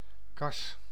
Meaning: 1. a greenhouse 2. a public or private entity, mainly concerned with managing funds for a certain purpose, after which it is often named
- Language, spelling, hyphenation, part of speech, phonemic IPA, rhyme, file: Dutch, kas, kas, noun, /kɑs/, -ɑs, Nl-kas.ogg